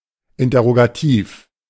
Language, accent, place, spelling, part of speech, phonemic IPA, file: German, Germany, Berlin, interrogativ, adjective, /ˌɪntɐʁoɡaˈtiːf/, De-interrogativ.ogg
- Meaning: interrogative